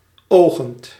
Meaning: present participle of ogen
- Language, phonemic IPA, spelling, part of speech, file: Dutch, /ˈoɣənt/, ogend, verb, Nl-ogend.ogg